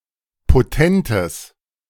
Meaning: strong/mixed nominative/accusative neuter singular of potent
- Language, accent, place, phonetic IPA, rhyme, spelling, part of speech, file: German, Germany, Berlin, [poˈtɛntəs], -ɛntəs, potentes, adjective, De-potentes.ogg